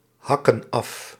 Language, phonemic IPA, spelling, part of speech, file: Dutch, /ˈhɑkə(n) ˈɑf/, hakken af, verb, Nl-hakken af.ogg
- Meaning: inflection of afhakken: 1. plural present indicative 2. plural present subjunctive